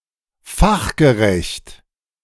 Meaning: 1. professional, skilled, workmanlike 2. expert, specialist
- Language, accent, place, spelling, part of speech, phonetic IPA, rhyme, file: German, Germany, Berlin, fachgerecht, adjective, [ˈfaxɡəˌʁɛçt], -axɡəʁɛçt, De-fachgerecht.ogg